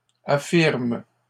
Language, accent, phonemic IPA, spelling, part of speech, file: French, Canada, /a.fiʁm/, affirment, verb, LL-Q150 (fra)-affirment.wav
- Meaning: third-person plural present indicative/subjunctive of affirmer